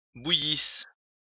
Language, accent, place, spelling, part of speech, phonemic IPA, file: French, France, Lyon, bouillissent, verb, /bu.jis/, LL-Q150 (fra)-bouillissent.wav
- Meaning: third-person plural imperfect subjunctive of bouillir